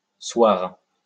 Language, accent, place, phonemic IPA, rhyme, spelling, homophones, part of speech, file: French, France, Lyon, /swaʁ/, -waʁ, seoir, soir, verb, LL-Q150 (fra)-seoir.wav
- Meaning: 1. to be suitable for; to be proper for 2. to be situated 3. sit down (see also s’asseoir)